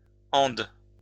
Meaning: synonym of cordillère des Andes (“Andes”)
- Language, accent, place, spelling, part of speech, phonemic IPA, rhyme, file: French, France, Lyon, Andes, proper noun, /ɑ̃d/, -ɑ̃d, LL-Q150 (fra)-Andes.wav